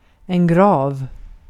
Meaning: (noun) a grave; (adjective) 1. severe, as in a mistake or a congenital disorder 2. grave (accent)
- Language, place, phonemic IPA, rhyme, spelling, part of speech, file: Swedish, Gotland, /ɡrɑːv/, -ɑːv, grav, noun / adjective, Sv-grav.ogg